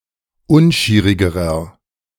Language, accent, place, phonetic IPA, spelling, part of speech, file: German, Germany, Berlin, [ˈʊnˌʃiːʁɪɡəʁɐ], unschierigerer, adjective, De-unschierigerer.ogg
- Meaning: inflection of unschierig: 1. strong/mixed nominative masculine singular comparative degree 2. strong genitive/dative feminine singular comparative degree 3. strong genitive plural comparative degree